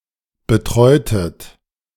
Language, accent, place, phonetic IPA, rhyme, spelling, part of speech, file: German, Germany, Berlin, [bəˈtʁɔɪ̯tət], -ɔɪ̯tət, betreutet, verb, De-betreutet.ogg
- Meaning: inflection of betreuen: 1. second-person plural preterite 2. second-person plural subjunctive II